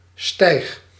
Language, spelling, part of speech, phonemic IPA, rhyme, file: Dutch, stijg, noun / verb, /stɛi̯x/, -ɛi̯x, Nl-stijg.ogg
- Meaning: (noun) 1. an inflammation of the eyelid, sty 2. a set of twenty, a score (usually said of eggs); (verb) inflection of stijgen: first-person singular present indicative